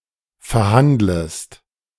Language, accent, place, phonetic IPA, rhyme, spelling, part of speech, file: German, Germany, Berlin, [fɛɐ̯ˈhandləst], -andləst, verhandlest, verb, De-verhandlest.ogg
- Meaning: second-person singular subjunctive I of verhandeln